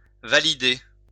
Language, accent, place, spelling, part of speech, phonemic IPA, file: French, France, Lyon, valider, verb, /va.li.de/, LL-Q150 (fra)-valider.wav
- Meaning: to validate